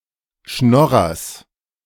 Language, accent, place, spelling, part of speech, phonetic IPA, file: German, Germany, Berlin, Schnorrers, noun, [ˈʃnɔʁɐs], De-Schnorrers.ogg
- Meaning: genitive singular of Schnorrer